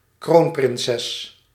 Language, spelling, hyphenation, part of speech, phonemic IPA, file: Dutch, kroonprinses, kroon‧prin‧ses, noun, /ˈkroːn.prɪnˌsɛs/, Nl-kroonprinses.ogg
- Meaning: crown princess (female heir apparent of an empire, kingdom or princely state)